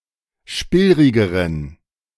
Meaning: inflection of spillrig: 1. strong genitive masculine/neuter singular comparative degree 2. weak/mixed genitive/dative all-gender singular comparative degree
- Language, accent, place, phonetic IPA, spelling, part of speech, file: German, Germany, Berlin, [ˈʃpɪlʁɪɡəʁən], spillrigeren, adjective, De-spillrigeren.ogg